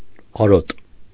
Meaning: 1. herbage, grass for grazing 2. pasture, pasture-ground
- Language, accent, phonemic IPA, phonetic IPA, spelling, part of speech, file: Armenian, Eastern Armenian, /ɑˈɾot/, [ɑɾót], արոտ, noun, Hy-արոտ.ogg